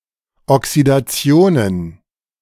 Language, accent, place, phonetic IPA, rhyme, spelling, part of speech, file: German, Germany, Berlin, [ɔksidaˈt͡si̯oːnən], -oːnən, Oxidationen, noun, De-Oxidationen.ogg
- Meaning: plural of Oxidation